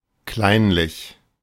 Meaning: petty, small-minded
- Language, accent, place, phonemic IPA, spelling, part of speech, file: German, Germany, Berlin, /ˈklaɪ̯nlɪç/, kleinlich, adjective, De-kleinlich.ogg